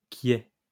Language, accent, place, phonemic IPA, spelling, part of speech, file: French, France, Lyon, /kjɛ/, quiet, adjective, LL-Q150 (fra)-quiet.wav
- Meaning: tranquil, peaceful, placid